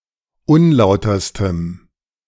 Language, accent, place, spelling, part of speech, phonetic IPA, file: German, Germany, Berlin, unlauterstem, adjective, [ˈʊnˌlaʊ̯tɐstəm], De-unlauterstem.ogg
- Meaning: strong dative masculine/neuter singular superlative degree of unlauter